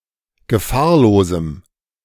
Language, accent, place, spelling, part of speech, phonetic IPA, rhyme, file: German, Germany, Berlin, gefahrlosem, adjective, [ɡəˈfaːɐ̯loːzm̩], -aːɐ̯loːzm̩, De-gefahrlosem.ogg
- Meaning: strong dative masculine/neuter singular of gefahrlos